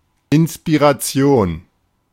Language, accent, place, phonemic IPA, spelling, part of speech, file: German, Germany, Berlin, /ʔɪnspiʁaˈtsi̯oːn/, Inspiration, noun, De-Inspiration.ogg
- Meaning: inspiration (exercising an elevating or stimulating influence upon the intellect or emotions)